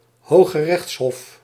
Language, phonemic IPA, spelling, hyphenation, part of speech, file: Dutch, /ˌhoxəˈrɛx(t)shɔf/, hooggerechtshof, hoog‧ge‧rechts‧hof, noun, Nl-hooggerechtshof.ogg
- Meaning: supreme court